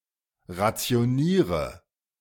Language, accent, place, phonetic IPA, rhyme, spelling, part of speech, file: German, Germany, Berlin, [ʁat͡si̯oˈniːʁə], -iːʁə, rationiere, verb, De-rationiere.ogg
- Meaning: inflection of rationieren: 1. first-person singular present 2. singular imperative 3. first/third-person singular subjunctive I